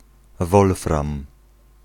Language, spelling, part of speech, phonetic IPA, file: Polish, wolfram, noun, [ˈvɔlfrãm], Pl-wolfram.ogg